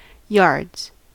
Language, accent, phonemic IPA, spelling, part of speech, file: English, US, /jɑɹdz/, yards, noun / verb, En-us-yards.ogg
- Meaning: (noun) 1. plural of yard 2. The totality of the sailing rig; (verb) third-person singular simple present indicative of yard